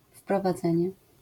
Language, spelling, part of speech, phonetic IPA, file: Polish, wprowadzenie, noun, [ˌfprɔvaˈd͡zɛ̃ɲɛ], LL-Q809 (pol)-wprowadzenie.wav